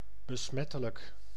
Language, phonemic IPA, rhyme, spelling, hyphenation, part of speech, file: Dutch, /bəˈsmɛ.tə.lək/, -ɛtələk, besmettelijk, be‧smet‧te‧lijk, adjective, Nl-besmettelijk.ogg
- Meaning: contagious